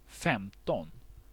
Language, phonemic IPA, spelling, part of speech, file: Swedish, /ˈfɛmˌtɔn/, femton, numeral, Sv-femton.ogg
- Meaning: fifteen